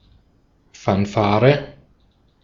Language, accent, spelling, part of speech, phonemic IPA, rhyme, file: German, Austria, Fanfare, noun, /ˌfanˈfaːʁə/, -aːʁə, De-at-Fanfare.ogg
- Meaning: fanfare